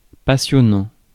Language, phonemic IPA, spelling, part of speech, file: French, /pa.sjɔ.nɑ̃/, passionnant, adjective / verb, Fr-passionnant.ogg
- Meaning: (adjective) evoking passion or enthusiasm; fascinating, enthralling, highly interesting; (verb) present participle of passionner